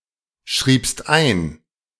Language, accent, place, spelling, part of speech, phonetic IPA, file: German, Germany, Berlin, schriebst ein, verb, [ˌʃʁiːpst ˈaɪ̯n], De-schriebst ein.ogg
- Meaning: second-person singular preterite of einschreiben